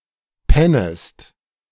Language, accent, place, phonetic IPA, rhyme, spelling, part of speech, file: German, Germany, Berlin, [ˈpɛnəst], -ɛnəst, pennest, verb, De-pennest.ogg
- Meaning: second-person singular subjunctive I of pennen